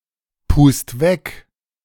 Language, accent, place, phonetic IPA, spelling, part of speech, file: German, Germany, Berlin, [ˌpuːst ˈvɛk], pust weg, verb, De-pust weg.ogg
- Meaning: 1. singular imperative of wegpusten 2. first-person singular present of wegpusten